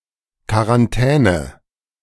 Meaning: quarantine
- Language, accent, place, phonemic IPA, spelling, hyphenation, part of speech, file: German, Germany, Berlin, /kvaʁanˈtɛːn/, Quarantäne, Qua‧ran‧tä‧ne, noun, De-Quarantäne.ogg